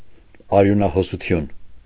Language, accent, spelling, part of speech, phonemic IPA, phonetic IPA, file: Armenian, Eastern Armenian, արյունահոսություն, noun, /ɑɾjunɑhosuˈtʰjun/, [ɑɾjunɑhosut͡sʰjún], Hy-արյունահոսություն.ogg
- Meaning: bleeding